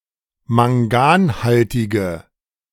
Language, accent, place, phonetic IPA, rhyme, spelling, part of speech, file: German, Germany, Berlin, [maŋˈɡaːnˌhaltɪɡə], -aːnhaltɪɡə, manganhaltige, adjective, De-manganhaltige.ogg
- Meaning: inflection of manganhaltig: 1. strong/mixed nominative/accusative feminine singular 2. strong nominative/accusative plural 3. weak nominative all-gender singular